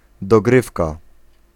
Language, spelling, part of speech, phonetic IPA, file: Polish, dogrywka, noun, [dɔˈɡrɨfka], Pl-dogrywka.ogg